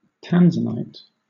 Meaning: A trichroic violet-blue variety of the mineral zoisite mined in Tanzania, used as a gemstone
- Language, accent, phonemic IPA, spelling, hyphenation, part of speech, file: English, Southern England, /ˈtænzənaɪt/, tanzanite, tan‧zan‧ite, noun, LL-Q1860 (eng)-tanzanite.wav